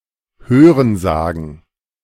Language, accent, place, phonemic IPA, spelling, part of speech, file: German, Germany, Berlin, /ˈhøːrənˌzaːɡən/, Hörensagen, noun, De-Hörensagen.ogg
- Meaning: hearsay; report; that which one has heard from others